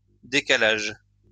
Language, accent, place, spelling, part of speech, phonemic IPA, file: French, France, Lyon, décalages, noun, /de.ka.laʒ/, LL-Q150 (fra)-décalages.wav
- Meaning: plural of décalage